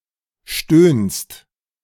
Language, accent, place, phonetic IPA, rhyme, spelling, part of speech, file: German, Germany, Berlin, [ʃtøːnst], -øːnst, stöhnst, verb, De-stöhnst.ogg
- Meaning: second-person singular present of stöhnen